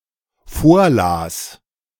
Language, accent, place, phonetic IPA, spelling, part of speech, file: German, Germany, Berlin, [ˈfoːɐ̯ˌlaːs], vorlas, verb, De-vorlas.ogg
- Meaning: first/third-person singular dependent preterite of vorlesen